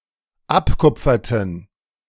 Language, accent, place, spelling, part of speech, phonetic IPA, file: German, Germany, Berlin, abkupferten, verb, [ˈapˌkʊp͡fɐtn̩], De-abkupferten.ogg
- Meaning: inflection of abkupfern: 1. first/third-person plural dependent preterite 2. first/third-person plural dependent subjunctive II